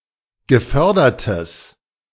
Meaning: strong/mixed nominative/accusative neuter singular of gefördert
- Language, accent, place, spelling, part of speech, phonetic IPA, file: German, Germany, Berlin, gefördertes, adjective, [ɡəˈfœʁdɐtəs], De-gefördertes.ogg